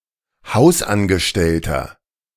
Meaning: 1. domestic worker (male or of unspecified gender) 2. inflection of Hausangestellte: strong genitive/dative singular 3. inflection of Hausangestellte: strong genitive plural
- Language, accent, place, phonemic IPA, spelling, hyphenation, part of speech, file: German, Germany, Berlin, /ˈhaʊ̯sʔanɡəˌʃtɛltɐ/, Hausangestellter, Haus‧an‧ge‧stell‧ter, noun, De-Hausangestellter.ogg